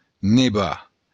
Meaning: to snow
- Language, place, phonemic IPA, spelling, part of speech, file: Occitan, Béarn, /neˈβa/, nevar, verb, LL-Q14185 (oci)-nevar.wav